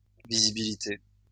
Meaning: plural of visibilité
- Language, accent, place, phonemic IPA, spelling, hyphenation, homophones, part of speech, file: French, France, Lyon, /vi.zi.bi.li.te/, visibilités, vi‧si‧bi‧li‧tés, visibilité, noun, LL-Q150 (fra)-visibilités.wav